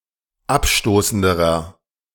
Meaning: inflection of abstoßend: 1. strong/mixed nominative masculine singular comparative degree 2. strong genitive/dative feminine singular comparative degree 3. strong genitive plural comparative degree
- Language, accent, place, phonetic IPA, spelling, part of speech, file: German, Germany, Berlin, [ˈapˌʃtoːsn̩dəʁɐ], abstoßenderer, adjective, De-abstoßenderer.ogg